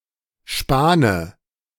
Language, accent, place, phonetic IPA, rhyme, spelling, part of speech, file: German, Germany, Berlin, [ˈʃpaːnə], -aːnə, Spane, noun, De-Spane.ogg
- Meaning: dative of Span